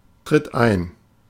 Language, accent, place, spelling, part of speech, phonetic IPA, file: German, Germany, Berlin, tritt ein, verb, [tʁɪt ˈaɪ̯n], De-tritt ein.ogg
- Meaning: inflection of eintreten: 1. third-person singular present 2. singular imperative